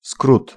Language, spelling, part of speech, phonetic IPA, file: Polish, skrót, noun, [skrut], Pl-skrót.ogg